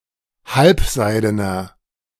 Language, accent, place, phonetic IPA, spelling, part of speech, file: German, Germany, Berlin, [ˈhalpˌzaɪ̯dənɐ], halbseidener, adjective, De-halbseidener.ogg
- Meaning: inflection of halbseiden: 1. strong/mixed nominative masculine singular 2. strong genitive/dative feminine singular 3. strong genitive plural